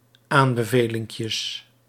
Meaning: plural of aanbevelinkje
- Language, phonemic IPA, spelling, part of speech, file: Dutch, /ˈambəˌvelɪŋkjəs/, aanbevelinkjes, noun, Nl-aanbevelinkjes.ogg